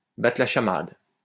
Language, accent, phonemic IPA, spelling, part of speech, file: French, France, /ba.tʁə la ʃa.mad/, battre la chamade, verb, LL-Q150 (fra)-battre la chamade.wav
- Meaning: to beat wildly, to pound furiously